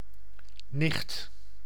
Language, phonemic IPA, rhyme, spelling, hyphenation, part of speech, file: Dutch, /nɪxt/, -ɪxt, nicht, nicht, noun, Nl-nicht.ogg
- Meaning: 1. female cousin; daughter of someone's uncle or aunt 2. niece; daughter of someone's brother or sister 3. niece; daughter of someone's brother- or sister-in-law